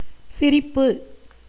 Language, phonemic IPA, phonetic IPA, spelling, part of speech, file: Tamil, /tʃɪɾɪpːɯ/, [sɪɾɪpːɯ], சிரிப்பு, noun, Ta-சிரிப்பு.ogg
- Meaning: 1. laughter 2. smile